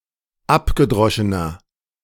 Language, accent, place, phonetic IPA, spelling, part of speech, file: German, Germany, Berlin, [ˈapɡəˌdʁɔʃənɐ], abgedroschener, adjective, De-abgedroschener.ogg
- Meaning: inflection of abgedroschen: 1. strong/mixed nominative masculine singular 2. strong genitive/dative feminine singular 3. strong genitive plural